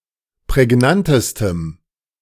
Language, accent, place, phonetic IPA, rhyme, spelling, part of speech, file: German, Germany, Berlin, [pʁɛˈɡnantəstəm], -antəstəm, prägnantestem, adjective, De-prägnantestem.ogg
- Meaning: strong dative masculine/neuter singular superlative degree of prägnant